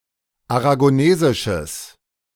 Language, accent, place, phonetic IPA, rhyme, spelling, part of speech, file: German, Germany, Berlin, [aʁaɡoˈneːzɪʃəs], -eːzɪʃəs, aragonesisches, adjective, De-aragonesisches.ogg
- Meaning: strong/mixed nominative/accusative neuter singular of aragonesisch